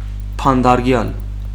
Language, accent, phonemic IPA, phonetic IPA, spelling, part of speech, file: Armenian, Western Armenian, /pɑndɑɾˈɡjɑl/, [pʰɑndɑɾɡjɑ́l], բանտարկյալ, noun, HyW-բանտարկյալ.ogg
- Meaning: prisoner